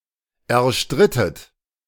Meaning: inflection of erstreiten: 1. second-person plural preterite 2. second-person plural subjunctive II
- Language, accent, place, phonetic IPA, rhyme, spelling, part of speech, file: German, Germany, Berlin, [ɛɐ̯ˈʃtʁɪtət], -ɪtət, erstrittet, verb, De-erstrittet.ogg